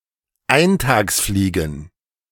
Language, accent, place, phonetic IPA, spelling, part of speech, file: German, Germany, Berlin, [ˈaɪ̯ntaːksˌfliːɡn̩], Eintagsfliegen, noun, De-Eintagsfliegen.ogg
- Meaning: plural of Eintagsfliege